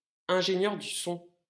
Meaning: sound engineer
- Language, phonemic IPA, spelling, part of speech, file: French, /ɛ̃.ʒe.njœʁ dy sɔ̃/, ingénieur du son, noun, LL-Q150 (fra)-ingénieur du son.wav